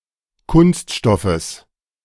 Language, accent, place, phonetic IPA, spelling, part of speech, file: German, Germany, Berlin, [ˈkʊnstˌʃtɔfəs], Kunststoffes, noun, De-Kunststoffes.ogg
- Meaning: genitive singular of Kunststoff